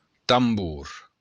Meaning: drum
- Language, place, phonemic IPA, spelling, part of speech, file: Occitan, Béarn, /tamˈbuɾ/, tambor, noun, LL-Q14185 (oci)-tambor.wav